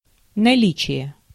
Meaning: availability, presence
- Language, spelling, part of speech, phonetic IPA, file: Russian, наличие, noun, [nɐˈlʲit͡ɕɪje], Ru-наличие.ogg